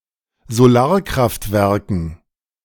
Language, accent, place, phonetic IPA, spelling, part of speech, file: German, Germany, Berlin, [zoˈlaːɐ̯kʁaftˌvɛʁkn̩], Solarkraftwerken, noun, De-Solarkraftwerken.ogg
- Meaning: dative plural of Solarkraftwerk